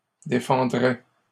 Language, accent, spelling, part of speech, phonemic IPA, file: French, Canada, défendrais, verb, /de.fɑ̃.dʁɛ/, LL-Q150 (fra)-défendrais.wav
- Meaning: first/second-person singular conditional of défendre